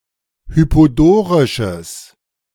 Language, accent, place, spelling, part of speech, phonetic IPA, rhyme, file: German, Germany, Berlin, hypodorisches, adjective, [ˌhypoˈdoːʁɪʃəs], -oːʁɪʃəs, De-hypodorisches.ogg
- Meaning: strong/mixed nominative/accusative neuter singular of hypodorisch